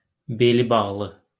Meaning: harrier (the taxonomic genus Circus)
- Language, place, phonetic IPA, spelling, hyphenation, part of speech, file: Azerbaijani, Baku, [belibɑɣˈɫɯ], belibağlı, be‧li‧bağ‧lı, noun, LL-Q9292 (aze)-belibağlı.wav